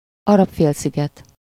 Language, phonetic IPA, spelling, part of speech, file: Hungarian, [ˈɒrɒpfeːlsiɡɛt], Arab-félsziget, proper noun, Hu-Arab-félsziget.ogg
- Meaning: Arabian Peninsula (a peninsula of West Asia between the Red Sea and the Persian Gulf; includes Jordan, Saudi Arabia, Yemen, Oman, Qatar, Bahrain, Kuwait, and the United Arab Emirates)